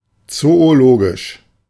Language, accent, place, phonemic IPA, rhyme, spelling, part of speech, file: German, Germany, Berlin, /ˌtsoːoˈloːɡɪʃ/, -oːɡɪʃ, zoologisch, adjective, De-zoologisch.ogg
- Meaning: zoological